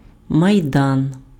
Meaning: public square
- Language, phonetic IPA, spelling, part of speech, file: Ukrainian, [mɐi̯ˈdan], майдан, noun, Uk-майдан.ogg